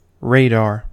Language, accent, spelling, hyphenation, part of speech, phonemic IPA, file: English, General American, radar, ra‧dar, noun / verb, /ˈɹeɪˌdɑɹ/, En-us-radar.ogg